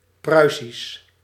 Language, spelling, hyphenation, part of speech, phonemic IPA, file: Dutch, Pruisisch, Prui‧sisch, adjective / proper noun, /ˈprœy̯.sis/, Nl-Pruisisch.ogg
- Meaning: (adjective) 1. Prussian (pertaining to Prussia) 2. Prussian (pertaining to the Old Prussian language); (proper noun) Prussian (extinct Western Baltic language)